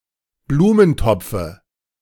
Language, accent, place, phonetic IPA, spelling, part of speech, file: German, Germany, Berlin, [ˈbluːmənˌtɔp͡fə], Blumentopfe, noun, De-Blumentopfe.ogg
- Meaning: dative singular of Blumentopf